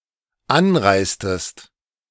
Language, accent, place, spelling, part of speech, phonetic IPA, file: German, Germany, Berlin, anreistest, verb, [ˈanˌʁaɪ̯stəst], De-anreistest.ogg
- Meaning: inflection of anreisen: 1. second-person singular dependent preterite 2. second-person singular dependent subjunctive II